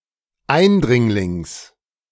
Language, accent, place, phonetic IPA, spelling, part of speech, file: German, Germany, Berlin, [ˈaɪ̯nˌdʁɪŋlɪŋs], Eindringlings, noun, De-Eindringlings.ogg
- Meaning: genitive singular of Eindringling